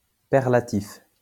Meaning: the perlative case
- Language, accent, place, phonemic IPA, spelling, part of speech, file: French, France, Lyon, /pɛʁ.la.tif/, perlatif, noun, LL-Q150 (fra)-perlatif.wav